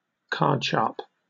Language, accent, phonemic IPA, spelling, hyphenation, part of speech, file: English, Received Pronunciation, /ˈkɑːdʃɑːp/, cardsharp, card‧sharp, noun, En-uk-cardsharp.oga
- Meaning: A professional cheater at card games